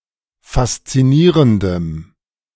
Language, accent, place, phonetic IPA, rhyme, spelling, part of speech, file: German, Germany, Berlin, [fast͡siˈniːʁəndəm], -iːʁəndəm, faszinierendem, adjective, De-faszinierendem.ogg
- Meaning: strong dative masculine/neuter singular of faszinierend